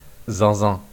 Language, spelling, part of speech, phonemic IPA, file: French, zinzin, adjective, /zɛ̃.zɛ̃/, Fr-zinzin.wav
- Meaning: 1. bonkers, cracked 2. like crazy, so much 3. buttocks